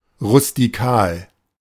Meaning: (adjective) rustic (country-styled); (adverb) rustically
- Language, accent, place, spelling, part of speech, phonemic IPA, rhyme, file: German, Germany, Berlin, rustikal, adjective / adverb, /ʁʊstiˈkaːl/, -aːl, De-rustikal.ogg